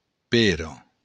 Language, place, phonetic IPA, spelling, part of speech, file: Occitan, Béarn, [ˈpeɾo], pera, noun, LL-Q14185 (oci)-pera.wav
- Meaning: pear